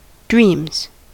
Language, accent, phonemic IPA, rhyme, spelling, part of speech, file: English, US, /dɹiːmz/, -iːmz, dreams, noun / verb, En-us-dreams.ogg
- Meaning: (noun) plural of dream; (verb) third-person singular simple present indicative of dream